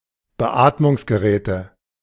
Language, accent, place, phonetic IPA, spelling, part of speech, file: German, Germany, Berlin, [bəˈʔaːtmʊŋsɡəˌʁɛːtə], Beatmungsgeräte, noun, De-Beatmungsgeräte.ogg
- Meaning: nominative/accusative/genitive plural of Beatmungsgerät